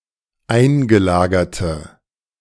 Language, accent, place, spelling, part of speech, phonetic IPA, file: German, Germany, Berlin, eingelagerte, adjective, [ˈaɪ̯nɡəˌlaːɡɐtə], De-eingelagerte.ogg
- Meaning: inflection of eingelagert: 1. strong/mixed nominative/accusative feminine singular 2. strong nominative/accusative plural 3. weak nominative all-gender singular